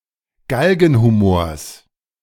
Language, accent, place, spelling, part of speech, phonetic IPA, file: German, Germany, Berlin, Galgenhumors, noun, [ˈɡalɡn̩huˌmoːɐ̯s], De-Galgenhumors.ogg
- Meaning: genitive singular of Galgenhumor